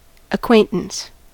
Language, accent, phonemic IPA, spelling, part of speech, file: English, US, /ʌˈkweɪn.təns/, acquaintance, noun, En-us-acquaintance.ogg
- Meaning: A state of being acquainted with a person; originally indicating friendship, intimacy, but now suggesting a slight knowledge less deep than that of friendship; acquaintanceship